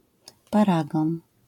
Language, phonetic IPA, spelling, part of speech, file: Polish, [paˈraɡɔ̃n], paragon, noun, LL-Q809 (pol)-paragon.wav